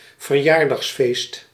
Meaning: birthday party
- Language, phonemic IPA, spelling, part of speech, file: Dutch, /vərˈjardɑxsˌfest/, verjaardagsfeest, noun, Nl-verjaardagsfeest.ogg